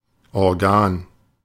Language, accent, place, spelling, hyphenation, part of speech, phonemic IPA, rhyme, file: German, Germany, Berlin, Organ, Or‧gan, noun, /ɔʁˈɡaːn/, -aːn, De-Organ.ogg
- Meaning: 1. an organ 2. an organ, a publication (newspaper, etc) of an organization 3. an organ, a body or organization with a particular purpose or duty